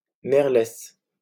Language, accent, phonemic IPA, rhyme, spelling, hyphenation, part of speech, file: French, France, /mɛʁ.lɛs/, -ɛs, merlesse, mer‧lesse, noun, LL-Q150 (fra)-merlesse.wav
- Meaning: Female blackbird